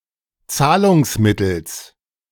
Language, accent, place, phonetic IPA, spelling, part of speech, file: German, Germany, Berlin, [ˈt͡saːlʊŋsˌmɪtl̩s], Zahlungsmittels, noun, De-Zahlungsmittels.ogg
- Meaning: genitive singular of Zahlungsmittel